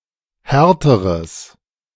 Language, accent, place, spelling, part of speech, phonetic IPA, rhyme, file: German, Germany, Berlin, härteres, adjective, [ˈhɛʁtəʁəs], -ɛʁtəʁəs, De-härteres.ogg
- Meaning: strong/mixed nominative/accusative neuter singular comparative degree of hart